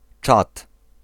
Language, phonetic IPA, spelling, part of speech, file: Polish, [t͡ʃat], Czad, proper noun, Pl-Czad.ogg